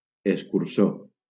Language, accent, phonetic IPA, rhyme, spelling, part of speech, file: Catalan, Valencia, [es.kuɾˈso], -o, escurçó, noun, LL-Q7026 (cat)-escurçó.wav
- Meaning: 1. viper, adder 2. stingray